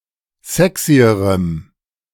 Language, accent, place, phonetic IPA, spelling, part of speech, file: German, Germany, Berlin, [ˈzɛksiəʁəm], sexyerem, adjective, De-sexyerem.ogg
- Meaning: strong dative masculine/neuter singular comparative degree of sexy